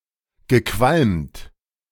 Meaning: past participle of qualmen
- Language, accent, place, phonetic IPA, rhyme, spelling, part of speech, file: German, Germany, Berlin, [ɡəˈkvalmt], -almt, gequalmt, verb, De-gequalmt.ogg